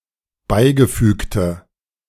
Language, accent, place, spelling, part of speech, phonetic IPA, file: German, Germany, Berlin, beigefügte, adjective, [ˈbaɪ̯ɡəˌfyːktə], De-beigefügte.ogg
- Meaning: inflection of beigefügt: 1. strong/mixed nominative/accusative feminine singular 2. strong nominative/accusative plural 3. weak nominative all-gender singular